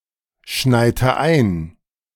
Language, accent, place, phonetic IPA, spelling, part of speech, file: German, Germany, Berlin, [ˌʃnaɪ̯tə ˈaɪ̯n], schneite ein, verb, De-schneite ein.ogg
- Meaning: inflection of einschneien: 1. first/third-person singular preterite 2. first/third-person singular subjunctive II